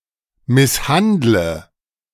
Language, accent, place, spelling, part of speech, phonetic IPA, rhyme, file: German, Germany, Berlin, misshandle, verb, [ˌmɪsˈhandlə], -andlə, De-misshandle.ogg
- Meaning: inflection of misshandeln: 1. first-person singular present 2. first/third-person singular subjunctive I 3. singular imperative